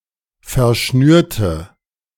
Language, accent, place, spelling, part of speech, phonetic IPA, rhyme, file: German, Germany, Berlin, verschnürte, adjective / verb, [fɛɐ̯ˈʃnyːɐ̯tə], -yːɐ̯tə, De-verschnürte.ogg
- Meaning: inflection of verschnüren: 1. first/third-person singular preterite 2. first/third-person singular subjunctive II